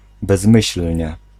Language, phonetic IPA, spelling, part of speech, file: Polish, [bɛzˈmɨɕl̥ʲɲɛ], bezmyślnie, adverb, Pl-bezmyślnie.ogg